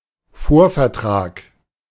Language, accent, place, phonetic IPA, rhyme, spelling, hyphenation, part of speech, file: German, Germany, Berlin, [ˈfoːɐ̯fɛɐ̯ˌtʁaːk], -aːk, Vorvertrag, Vor‧ver‧trag, noun, De-Vorvertrag.ogg
- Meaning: preliminary contract, precontract, preliminary agreement